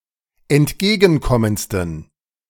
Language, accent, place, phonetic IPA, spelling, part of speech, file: German, Germany, Berlin, [ɛntˈɡeːɡn̩ˌkɔmənt͡stn̩], entgegenkommendsten, adjective, De-entgegenkommendsten.ogg
- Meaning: 1. superlative degree of entgegenkommend 2. inflection of entgegenkommend: strong genitive masculine/neuter singular superlative degree